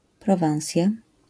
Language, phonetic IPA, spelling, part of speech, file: Polish, [prɔˈvãw̃sʲja], Prowansja, proper noun, LL-Q809 (pol)-Prowansja.wav